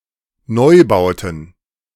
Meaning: plural of Neubau
- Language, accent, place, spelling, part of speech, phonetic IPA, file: German, Germany, Berlin, Neubauten, noun, [ˈnɔɪ̯ˌbaʊ̯tn̩], De-Neubauten.ogg